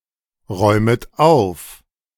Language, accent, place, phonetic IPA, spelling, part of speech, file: German, Germany, Berlin, [ˌʁɔɪ̯mət ˈaʊ̯f], räumet auf, verb, De-räumet auf.ogg
- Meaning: second-person plural subjunctive I of aufräumen